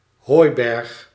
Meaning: 1. a haystack; mound, pile or stack of stored hay 2. a Dutch barn, a hay barrack; an open or semi-open barn for storing hay
- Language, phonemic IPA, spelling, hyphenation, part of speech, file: Dutch, /ˈɦoːi̯.bɛrx/, hooiberg, hooi‧berg, noun, Nl-hooiberg.ogg